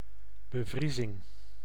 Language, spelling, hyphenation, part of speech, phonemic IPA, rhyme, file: Dutch, bevriezing, be‧vrie‧zing, noun, /bəˈvri.zɪŋ/, -izɪŋ, Nl-bevriezing.ogg
- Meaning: freezing, frost (act or process of freezing)